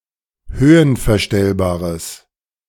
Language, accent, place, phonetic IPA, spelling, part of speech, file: German, Germany, Berlin, [ˈhøːənfɛɐ̯ˌʃtɛlbaːʁəs], höhenverstellbares, adjective, De-höhenverstellbares.ogg
- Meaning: strong/mixed nominative/accusative neuter singular of höhenverstellbar